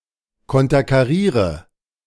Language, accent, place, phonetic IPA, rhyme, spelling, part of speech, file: German, Germany, Berlin, [ˌkɔntɐkaˈʁiːʁə], -iːʁə, konterkariere, verb, De-konterkariere.ogg
- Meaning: inflection of konterkarieren: 1. first-person singular present 2. singular imperative 3. first/third-person singular subjunctive I